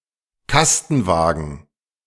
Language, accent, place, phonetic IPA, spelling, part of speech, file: German, Germany, Berlin, [ˈkastn̩ˌvaːɡn̩], Kastenwagen, noun, De-Kastenwagen.ogg
- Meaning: box wagon